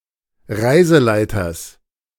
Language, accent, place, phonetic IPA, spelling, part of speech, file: German, Germany, Berlin, [ˈʁaɪ̯zəˌlaɪ̯tɐs], Reiseleiters, noun, De-Reiseleiters.ogg
- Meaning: genitive singular of Reiseleiter